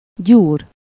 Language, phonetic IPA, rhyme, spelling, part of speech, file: Hungarian, [ˈɟuːr], -uːr, gyúr, verb, Hu-gyúr.ogg
- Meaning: 1. to knead 2. to massage 3. to pump iron